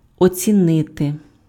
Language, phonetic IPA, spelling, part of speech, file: Ukrainian, [ɔt͡sʲiˈnɪte], оцінити, verb, Uk-оцінити.ogg
- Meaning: 1. to evaluate, to appraise, to assess, to estimate, to value, to rate (form a judgement about the value or qualities of) 2. to appreciate, to value (recognize the merits or qualities of)